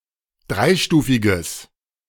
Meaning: strong/mixed nominative/accusative neuter singular of dreistufig
- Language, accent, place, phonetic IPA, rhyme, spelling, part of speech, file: German, Germany, Berlin, [ˈdʁaɪ̯ˌʃtuːfɪɡəs], -aɪ̯ʃtuːfɪɡəs, dreistufiges, adjective, De-dreistufiges.ogg